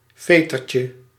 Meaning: diminutive of veter
- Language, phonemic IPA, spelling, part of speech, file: Dutch, /ˈvetərcə/, vetertje, noun, Nl-vetertje.ogg